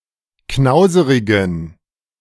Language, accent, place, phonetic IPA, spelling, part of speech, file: German, Germany, Berlin, [ˈknaʊ̯zəʁɪɡn̩], knauserigen, adjective, De-knauserigen.ogg
- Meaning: inflection of knauserig: 1. strong genitive masculine/neuter singular 2. weak/mixed genitive/dative all-gender singular 3. strong/weak/mixed accusative masculine singular 4. strong dative plural